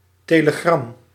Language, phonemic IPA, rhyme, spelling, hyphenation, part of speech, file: Dutch, /teːləˈɡrɑm/, -ɑm, telegram, te‧le‧gram, noun, Nl-telegram.ogg
- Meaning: telegram